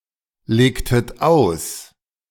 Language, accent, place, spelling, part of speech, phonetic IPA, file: German, Germany, Berlin, legtet aus, verb, [ˌleːktət ˈaʊ̯s], De-legtet aus.ogg
- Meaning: inflection of auslegen: 1. second-person plural preterite 2. second-person plural subjunctive II